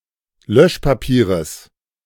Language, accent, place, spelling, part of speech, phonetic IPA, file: German, Germany, Berlin, Löschpapieres, noun, [ˈlœʃpaˌpiːʁəs], De-Löschpapieres.ogg
- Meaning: genitive singular of Löschpapier